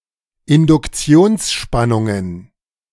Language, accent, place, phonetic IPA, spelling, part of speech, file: German, Germany, Berlin, [ɪndʊkˈt͡si̯oːnsˌʃpanʊŋən], Induktionsspannungen, noun, De-Induktionsspannungen.ogg
- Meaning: plural of Induktionsspannung